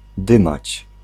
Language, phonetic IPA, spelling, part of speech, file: Polish, [ˈdɨ̃mat͡ɕ], dymać, verb, Pl-dymać.ogg